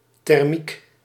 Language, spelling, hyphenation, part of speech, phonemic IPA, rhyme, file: Dutch, thermiek, ther‧miek, noun, /tɛrˈmik/, -ik, Nl-thermiek.ogg
- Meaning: thermal column, thermal (rising warm airstream)